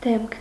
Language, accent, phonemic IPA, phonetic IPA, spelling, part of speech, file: Armenian, Eastern Armenian, /demkʰ/, [demkʰ], դեմք, noun, Hy-դեմք.ogg
- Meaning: 1. face 2. person, individual, figure 3. person 4. interesting/talented/unusual individual